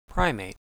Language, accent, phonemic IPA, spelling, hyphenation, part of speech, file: English, US, /ˈpɹaɪmeɪt/, primate, pri‧mate, noun, En-us-primate.ogg
- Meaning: 1. A mammal of the order Primates, comprising of apes (including humans), monkeys, lemurs, tarsiers, lorisids, and galagos 2. An anthropoid; ape including human